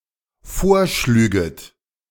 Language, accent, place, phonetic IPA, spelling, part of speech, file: German, Germany, Berlin, [ˈfoːɐ̯ˌʃlyːɡət], vorschlüget, verb, De-vorschlüget.ogg
- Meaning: second-person plural dependent subjunctive II of vorschlagen